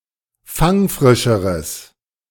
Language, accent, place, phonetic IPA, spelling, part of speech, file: German, Germany, Berlin, [ˈfaŋˌfʁɪʃəʁəs], fangfrischeres, adjective, De-fangfrischeres.ogg
- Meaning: strong/mixed nominative/accusative neuter singular comparative degree of fangfrisch